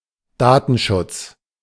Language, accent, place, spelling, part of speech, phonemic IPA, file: German, Germany, Berlin, Datenschutz, noun, /ˈdaːtn̩ˌʃʊt͡s/, De-Datenschutz.ogg
- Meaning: data privacy